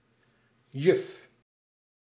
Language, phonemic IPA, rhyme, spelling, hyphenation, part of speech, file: Dutch, /jʏf/, -ʏf, juf, juf, noun, Nl-juf.ogg
- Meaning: female teacher, school mistress (female teacher at a primary school, nursery school or kindergarten)